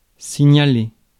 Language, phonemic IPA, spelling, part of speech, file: French, /si.ɲa.le/, signaler, verb, Fr-signaler.ogg
- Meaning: 1. to signal 2. to highlight, to notify, to bring to attention, to identify